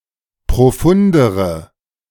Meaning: inflection of profund: 1. strong/mixed nominative/accusative feminine singular comparative degree 2. strong nominative/accusative plural comparative degree
- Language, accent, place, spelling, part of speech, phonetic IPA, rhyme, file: German, Germany, Berlin, profundere, adjective, [pʁoˈfʊndəʁə], -ʊndəʁə, De-profundere.ogg